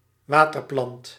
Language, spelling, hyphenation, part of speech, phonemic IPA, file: Dutch, waterplant, wa‧ter‧plant, noun, /ˈʋaː.tərˌplɑnt/, Nl-waterplant.ogg
- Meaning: an aquatic plant, a waterplant